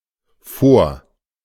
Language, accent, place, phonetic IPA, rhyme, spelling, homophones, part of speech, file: German, Germany, Berlin, [foːɐ̯], -oːɐ̯, Fort, vor, noun, De-Fort.ogg
- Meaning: fort (fortified defensive structure stationed with troops)